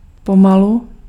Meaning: slowly
- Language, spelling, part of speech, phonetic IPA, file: Czech, pomalu, adverb, [ˈpomalu], Cs-pomalu.ogg